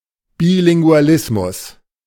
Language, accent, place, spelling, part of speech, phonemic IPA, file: German, Germany, Berlin, Bilingualismus, noun, /bilɪŋɡʊ̯aˈlɪsmʊs/, De-Bilingualismus.ogg
- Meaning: bilingualism (condition of being bilingual)